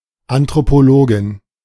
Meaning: anthropologist (female)
- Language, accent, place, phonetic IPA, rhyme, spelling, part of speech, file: German, Germany, Berlin, [ˌantʁopoˈloːɡɪn], -oːɡɪn, Anthropologin, noun, De-Anthropologin.ogg